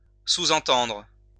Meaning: to imply
- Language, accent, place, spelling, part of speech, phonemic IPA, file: French, France, Lyon, sous-entendre, verb, /su.zɑ̃.tɑ̃dʁ/, LL-Q150 (fra)-sous-entendre.wav